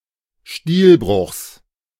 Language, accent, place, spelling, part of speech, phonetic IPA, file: German, Germany, Berlin, Stilbruchs, noun, [ˈstiːlˌbʁʊxs], De-Stilbruchs.ogg
- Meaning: genitive of Stilbruch